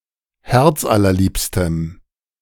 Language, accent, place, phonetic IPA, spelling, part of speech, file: German, Germany, Berlin, [ˈhɛʁt͡sʔalɐˌliːpstəm], herzallerliebstem, adjective, De-herzallerliebstem.ogg
- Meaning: strong dative masculine/neuter singular of herzallerliebst